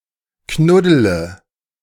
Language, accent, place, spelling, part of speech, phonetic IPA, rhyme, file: German, Germany, Berlin, knuddele, verb, [ˈknʊdələ], -ʊdələ, De-knuddele.ogg
- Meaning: inflection of knuddeln: 1. first-person singular present 2. singular imperative 3. first/third-person singular subjunctive I